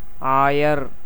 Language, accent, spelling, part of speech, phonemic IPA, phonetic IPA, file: Tamil, India, ஆயர், noun, /ɑːjɐɾ/, [äːjɐɾ], Ta-ஆயர்.ogg
- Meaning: 1. cowherder(s) 2. bishop